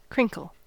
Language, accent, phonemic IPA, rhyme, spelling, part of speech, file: English, US, /ˈkɹɪŋkəl/, -ɪŋkəl, crinkle, verb / noun, En-us-crinkle.ogg
- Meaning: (verb) 1. To fold, crease, crumple, or wad 2. To rustle, as stiff cloth when moved; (noun) 1. A wrinkle, fold, crease, or unevenness 2. The act of crinkling